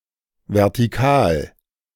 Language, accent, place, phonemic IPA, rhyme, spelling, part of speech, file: German, Germany, Berlin, /vɛʁtiˈkaːl/, -aːl, vertikal, adjective, De-vertikal.ogg
- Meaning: vertical